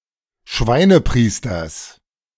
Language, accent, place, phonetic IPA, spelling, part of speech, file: German, Germany, Berlin, [ˈʃvaɪ̯nəˌpʁiːstɐs], Schweinepriesters, noun, De-Schweinepriesters.ogg
- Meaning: genitive singular of Schweinepriester